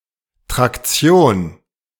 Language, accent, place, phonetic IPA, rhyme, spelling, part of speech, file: German, Germany, Berlin, [ˌtʁakˈt͡si̯oːn], -oːn, Traktion, noun, De-Traktion.ogg
- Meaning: traction